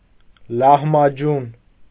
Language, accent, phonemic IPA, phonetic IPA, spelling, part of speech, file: Armenian, Eastern Armenian, /lɑhmɑˈd͡ʒun/, [lɑhmɑd͡ʒún], լահմաջուն, noun, Hy-լահմաջուն.ogg
- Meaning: rare form of լահմաջո (lahmaǰo)